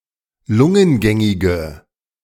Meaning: inflection of lungengängig: 1. strong/mixed nominative/accusative feminine singular 2. strong nominative/accusative plural 3. weak nominative all-gender singular
- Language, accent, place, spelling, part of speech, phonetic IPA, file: German, Germany, Berlin, lungengängige, adjective, [ˈlʊŋənˌɡɛŋɪɡə], De-lungengängige.ogg